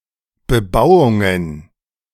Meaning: plural of Bebauung
- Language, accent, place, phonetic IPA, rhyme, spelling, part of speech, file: German, Germany, Berlin, [bəˈbaʊ̯ʊŋən], -aʊ̯ʊŋən, Bebauungen, noun, De-Bebauungen.ogg